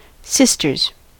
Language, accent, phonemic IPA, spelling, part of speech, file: English, US, /ˈsɪs.tɚz/, sisters, noun / verb, En-us-sisters.ogg
- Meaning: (noun) plural of sister; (verb) third-person singular simple present indicative of sister